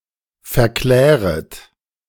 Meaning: second-person plural subjunctive I of verklären
- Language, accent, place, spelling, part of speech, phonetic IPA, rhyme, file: German, Germany, Berlin, verkläret, verb, [fɛɐ̯ˈklɛːʁət], -ɛːʁət, De-verkläret.ogg